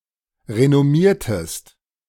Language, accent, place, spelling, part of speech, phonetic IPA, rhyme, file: German, Germany, Berlin, renommiertest, verb, [ʁenɔˈmiːɐ̯təst], -iːɐ̯təst, De-renommiertest.ogg
- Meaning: inflection of renommieren: 1. second-person singular preterite 2. second-person singular subjunctive II